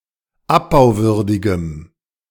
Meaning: strong dative masculine/neuter singular of abbauwürdig
- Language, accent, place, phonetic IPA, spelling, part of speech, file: German, Germany, Berlin, [ˈapbaʊ̯ˌvʏʁdɪɡəm], abbauwürdigem, adjective, De-abbauwürdigem.ogg